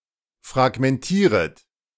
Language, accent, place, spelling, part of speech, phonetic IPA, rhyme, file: German, Germany, Berlin, fragmentieret, verb, [fʁaɡmɛnˈtiːʁət], -iːʁət, De-fragmentieret.ogg
- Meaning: second-person plural subjunctive I of fragmentieren